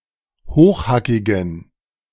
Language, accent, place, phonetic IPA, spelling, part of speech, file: German, Germany, Berlin, [ˈhoːxˌhakɪɡn̩], hochhackigen, adjective, De-hochhackigen.ogg
- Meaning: inflection of hochhackig: 1. strong genitive masculine/neuter singular 2. weak/mixed genitive/dative all-gender singular 3. strong/weak/mixed accusative masculine singular 4. strong dative plural